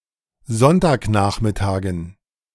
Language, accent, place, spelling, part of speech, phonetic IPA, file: German, Germany, Berlin, Sonntagnachmittagen, noun, [ˈzɔntaːkˌnaːxmɪtaːɡn̩], De-Sonntagnachmittagen.ogg
- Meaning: dative plural of Sonntagnachmittag